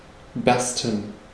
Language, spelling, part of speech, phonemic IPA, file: German, bersten, verb, /ˈbɛʁstən/, De-bersten.ogg
- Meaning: to burst